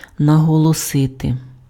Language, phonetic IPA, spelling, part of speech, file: Ukrainian, [nɐɦɔɫɔˈsɪte], наголосити, verb, Uk-наголосити.ogg
- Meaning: 1. to stress, to accent, to accentuate 2. to stress, to emphasize